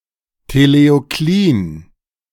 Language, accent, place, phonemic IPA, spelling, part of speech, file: German, Germany, Berlin, /teleoˈkliːn/, teleoklin, adjective, De-teleoklin.ogg
- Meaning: purposeful